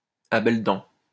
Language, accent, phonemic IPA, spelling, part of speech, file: French, France, /a bɛl dɑ̃/, à belles dents, adverb, LL-Q150 (fra)-à belles dents.wav
- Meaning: 1. voraciously 2. readily, enthusiastically, to the full, with both hands